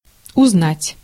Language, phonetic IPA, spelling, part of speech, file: Russian, [ʊzˈnatʲ], узнать, verb, Ru-узнать.ogg
- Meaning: 1. to recognize 2. to get to know 3. to learn, to find out, to hear